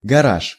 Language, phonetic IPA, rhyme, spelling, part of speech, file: Russian, [ɡɐˈraʂ], -aʂ, гараж, noun, Ru-гараж.ogg
- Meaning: garage